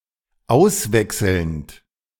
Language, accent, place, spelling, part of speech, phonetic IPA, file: German, Germany, Berlin, auswechselnd, verb, [ˈaʊ̯sˌvɛksl̩nt], De-auswechselnd.ogg
- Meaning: present participle of auswechseln